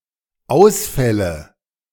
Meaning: nominative/accusative/genitive plural of Ausfall
- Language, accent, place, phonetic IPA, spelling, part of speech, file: German, Germany, Berlin, [ˈaʊ̯sfɛlə], Ausfälle, noun, De-Ausfälle.ogg